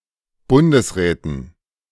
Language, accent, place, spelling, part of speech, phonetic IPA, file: German, Germany, Berlin, Bundesräten, noun, [ˈbʊndəsˌʁɛːtn̩], De-Bundesräten.ogg
- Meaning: dative plural of Bundesrat